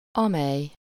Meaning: which; that (referring to things or a pair/group of people)
- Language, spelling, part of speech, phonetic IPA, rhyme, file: Hungarian, amely, pronoun, [ˈɒmɛj], -ɛj, Hu-amely.ogg